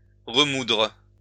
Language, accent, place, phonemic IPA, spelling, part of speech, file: French, France, Lyon, /ʁə.mudʁ/, remoudre, verb, LL-Q150 (fra)-remoudre.wav
- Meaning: to regrind